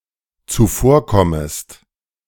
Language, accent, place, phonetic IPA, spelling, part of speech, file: German, Germany, Berlin, [t͡suˈfoːɐ̯ˌkɔməst], zuvorkommest, verb, De-zuvorkommest.ogg
- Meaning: second-person singular dependent subjunctive I of zuvorkommen